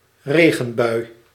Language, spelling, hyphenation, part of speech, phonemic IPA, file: Dutch, regenbui, re‧gen‧bui, noun, /ˈreː.ɣə(n)ˌbœy̯/, Nl-regenbui.ogg
- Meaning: rain shower, incidence of rain